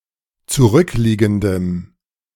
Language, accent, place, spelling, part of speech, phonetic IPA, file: German, Germany, Berlin, zurückliegendem, adjective, [t͡suˈʁʏkˌliːɡn̩dəm], De-zurückliegendem.ogg
- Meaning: strong dative masculine/neuter singular of zurückliegend